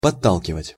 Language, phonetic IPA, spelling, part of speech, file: Russian, [pɐˈtːaɫkʲɪvətʲ], подталкивать, verb, Ru-подталкивать.ogg
- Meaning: 1. to nudge, to push slightly 2. to encourage, to urge on